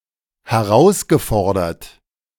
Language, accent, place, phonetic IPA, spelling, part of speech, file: German, Germany, Berlin, [hɛˈʁaʊ̯sɡəˌfɔʁdɐt], herausgefordert, verb, De-herausgefordert.ogg
- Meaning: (verb) past participle of herausfordern; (adjective) 1. challenged 2. defied